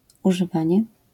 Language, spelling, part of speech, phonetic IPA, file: Polish, używanie, noun, [ˌuʒɨˈvãɲɛ], LL-Q809 (pol)-używanie.wav